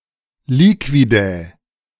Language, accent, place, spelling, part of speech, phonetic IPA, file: German, Germany, Berlin, Liquidä, noun, [ˈliːkvidɛ], De-Liquidä.ogg
- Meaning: plural of Liquida